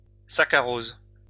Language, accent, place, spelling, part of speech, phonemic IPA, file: French, France, Lyon, saccharose, noun, /sa.ka.ʁoz/, LL-Q150 (fra)-saccharose.wav
- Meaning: sucrose